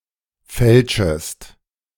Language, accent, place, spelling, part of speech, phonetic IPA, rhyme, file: German, Germany, Berlin, fälschest, verb, [ˈfɛlʃəst], -ɛlʃəst, De-fälschest.ogg
- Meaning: second-person singular subjunctive I of fälschen